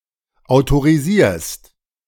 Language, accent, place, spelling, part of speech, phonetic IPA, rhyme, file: German, Germany, Berlin, autorisierst, verb, [aʊ̯toʁiˈziːɐ̯st], -iːɐ̯st, De-autorisierst.ogg
- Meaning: second-person singular present of autorisieren